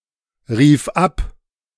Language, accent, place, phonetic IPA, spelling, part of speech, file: German, Germany, Berlin, [ˌʁiːf ˈap], rief ab, verb, De-rief ab.ogg
- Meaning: first/third-person singular preterite of abrufen